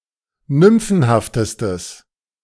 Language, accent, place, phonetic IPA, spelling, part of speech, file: German, Germany, Berlin, [ˈnʏmfn̩haftəstəs], nymphenhaftestes, adjective, De-nymphenhaftestes.ogg
- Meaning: strong/mixed nominative/accusative neuter singular superlative degree of nymphenhaft